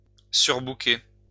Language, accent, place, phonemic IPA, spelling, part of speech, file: French, France, Lyon, /syʁ.bu.ke/, surbooker, verb, LL-Q150 (fra)-surbooker.wav
- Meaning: to overbook